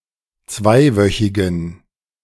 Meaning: inflection of zweiwöchig: 1. strong genitive masculine/neuter singular 2. weak/mixed genitive/dative all-gender singular 3. strong/weak/mixed accusative masculine singular 4. strong dative plural
- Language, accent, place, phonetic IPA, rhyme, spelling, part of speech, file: German, Germany, Berlin, [ˈt͡svaɪ̯ˌvœçɪɡn̩], -aɪ̯vœçɪɡn̩, zweiwöchigen, adjective, De-zweiwöchigen.ogg